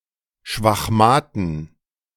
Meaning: 1. genitive singular of Schwachmat 2. plural of Schwachmat
- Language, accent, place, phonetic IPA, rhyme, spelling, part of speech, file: German, Germany, Berlin, [ʃvaxˈmaːtn̩], -aːtn̩, Schwachmaten, noun, De-Schwachmaten.ogg